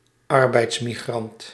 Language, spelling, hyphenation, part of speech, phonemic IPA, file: Dutch, arbeidsmigrant, ar‧beids‧mi‧grant, noun, /ˈɑr.bɛi̯ts.miˌɣrɑnt/, Nl-arbeidsmigrant.ogg
- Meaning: labour migrant